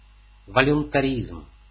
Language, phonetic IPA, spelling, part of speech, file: Russian, [vəlʲʊntɐˈrʲizm], волюнтаризм, noun, Ru-волюнтаризм.ogg
- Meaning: 1. voluntarism (a doctrine that prioritizes the will over emotion or reason) 2. arbitrariness, subjective decision making